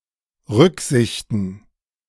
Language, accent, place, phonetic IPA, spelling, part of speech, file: German, Germany, Berlin, [ˈʁʏkˌzɪçtn̩], Rücksichten, noun, De-Rücksichten.ogg
- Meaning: plural of Rücksicht